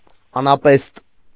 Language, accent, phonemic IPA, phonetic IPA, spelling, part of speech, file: Armenian, Eastern Armenian, /ɑnɑˈpest/, [ɑnɑpést], անապեստ, noun, Hy-անապեստ.ogg
- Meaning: anapest